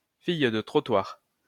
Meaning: a prostitute
- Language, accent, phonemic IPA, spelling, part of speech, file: French, France, /fij də tʁɔ.twaʁ/, fille de trottoir, noun, LL-Q150 (fra)-fille de trottoir.wav